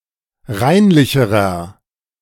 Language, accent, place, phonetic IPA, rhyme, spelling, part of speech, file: German, Germany, Berlin, [ˈʁaɪ̯nlɪçəʁɐ], -aɪ̯nlɪçəʁɐ, reinlicherer, adjective, De-reinlicherer.ogg
- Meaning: inflection of reinlich: 1. strong/mixed nominative masculine singular comparative degree 2. strong genitive/dative feminine singular comparative degree 3. strong genitive plural comparative degree